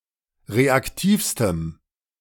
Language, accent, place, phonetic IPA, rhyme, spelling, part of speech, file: German, Germany, Berlin, [ˌʁeakˈtiːfstəm], -iːfstəm, reaktivstem, adjective, De-reaktivstem.ogg
- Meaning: strong dative masculine/neuter singular superlative degree of reaktiv